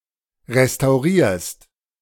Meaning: second-person singular present of restaurieren
- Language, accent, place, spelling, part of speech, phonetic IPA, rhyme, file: German, Germany, Berlin, restaurierst, verb, [ʁestaʊ̯ˈʁiːɐ̯st], -iːɐ̯st, De-restaurierst.ogg